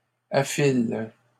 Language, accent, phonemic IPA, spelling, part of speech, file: French, Canada, /a.fil/, affile, verb, LL-Q150 (fra)-affile.wav
- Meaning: inflection of affiler: 1. first/third-person singular present indicative/subjunctive 2. second-person singular imperative